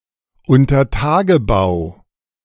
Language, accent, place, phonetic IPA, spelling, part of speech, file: German, Germany, Berlin, [ʊntɐˈtaːɡəˌbaʊ̯], Untertagebau, noun, De-Untertagebau.ogg
- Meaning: underground mining